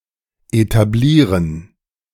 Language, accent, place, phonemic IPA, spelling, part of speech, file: German, Germany, Berlin, /etaˈbliːrən/, etablieren, verb, De-etablieren.ogg
- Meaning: 1. to establish (make widely regarded, give a firm position to) 2. to establish, found, open (a business, institution etc.)